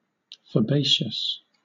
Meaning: 1. Having the nature of a bean; like a bean 2. Belonging to, or characteristic of, the taxonomic family Fabaceae
- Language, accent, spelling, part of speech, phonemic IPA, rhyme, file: English, Southern England, fabaceous, adjective, /fəˈbeɪʃəs/, -eɪʃəs, LL-Q1860 (eng)-fabaceous.wav